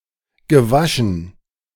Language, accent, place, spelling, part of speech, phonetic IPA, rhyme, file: German, Germany, Berlin, gewaschen, adjective / verb, [ɡəˈvaʃn̩], -aʃn̩, De-gewaschen.ogg
- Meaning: past participle of waschen - washed, laundered